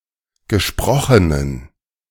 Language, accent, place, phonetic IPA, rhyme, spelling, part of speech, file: German, Germany, Berlin, [ɡəˈʃpʁɔxənən], -ɔxənən, gesprochenen, adjective, De-gesprochenen.ogg
- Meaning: inflection of gesprochen: 1. strong genitive masculine/neuter singular 2. weak/mixed genitive/dative all-gender singular 3. strong/weak/mixed accusative masculine singular 4. strong dative plural